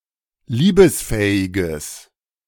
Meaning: strong/mixed nominative/accusative neuter singular of liebesfähig
- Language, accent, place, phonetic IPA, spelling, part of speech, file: German, Germany, Berlin, [ˈliːbəsˌfɛːɪɡəs], liebesfähiges, adjective, De-liebesfähiges.ogg